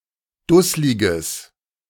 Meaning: strong/mixed nominative/accusative neuter singular of dusslig
- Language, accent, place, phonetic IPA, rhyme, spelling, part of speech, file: German, Germany, Berlin, [ˈdʊslɪɡəs], -ʊslɪɡəs, dussliges, adjective, De-dussliges.ogg